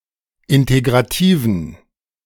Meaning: inflection of integrativ: 1. strong genitive masculine/neuter singular 2. weak/mixed genitive/dative all-gender singular 3. strong/weak/mixed accusative masculine singular 4. strong dative plural
- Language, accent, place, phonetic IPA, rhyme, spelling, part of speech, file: German, Germany, Berlin, [ˌɪnteɡʁaˈtiːvn̩], -iːvn̩, integrativen, adjective, De-integrativen.ogg